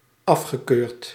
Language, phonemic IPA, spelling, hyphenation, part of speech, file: Dutch, /ˈɑf.xəˌkøːrt/, afgekeurd, af‧ge‧keurd, adjective / verb, Nl-afgekeurd.ogg
- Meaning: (adjective) rejected, deprecated; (verb) past participle of afkeuren